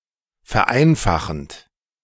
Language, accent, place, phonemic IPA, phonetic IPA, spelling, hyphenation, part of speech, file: German, Germany, Berlin, /fɛʁˈaɪ̯nfaχənt/, [fɛɐ̯ˈʔaɪ̯nfaχn̩t], vereinfachend, ver‧ein‧fa‧chend, verb, De-vereinfachend.ogg
- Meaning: present participle of vereinfachen